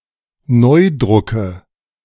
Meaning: nominative/accusative/genitive plural of Neudruck
- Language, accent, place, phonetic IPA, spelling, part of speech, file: German, Germany, Berlin, [ˈnɔɪ̯dʁʏkə], Neudrucke, noun, De-Neudrucke.ogg